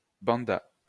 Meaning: third-person singular past historic of bander
- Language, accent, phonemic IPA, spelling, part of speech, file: French, France, /bɑ̃.da/, banda, verb, LL-Q150 (fra)-banda.wav